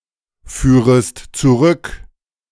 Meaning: second-person singular subjunctive I of zurückführen
- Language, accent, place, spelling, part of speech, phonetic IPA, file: German, Germany, Berlin, führest zurück, verb, [ˌfyːʁəst t͡suˈʁʏk], De-führest zurück.ogg